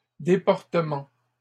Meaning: plural of déportement
- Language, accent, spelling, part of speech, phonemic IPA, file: French, Canada, déportements, noun, /de.pɔʁ.tə.mɑ̃/, LL-Q150 (fra)-déportements.wav